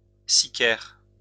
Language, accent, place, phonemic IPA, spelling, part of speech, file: French, France, Lyon, /si.kɛʁ/, sicaire, noun, LL-Q150 (fra)-sicaire.wav
- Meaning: hitman (someone hired to kill)